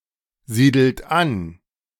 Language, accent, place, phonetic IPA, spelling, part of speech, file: German, Germany, Berlin, [ˌziːdl̩t ˈan], siedelt an, verb, De-siedelt an.ogg
- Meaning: inflection of ansiedeln: 1. second-person plural present 2. third-person singular present 3. plural imperative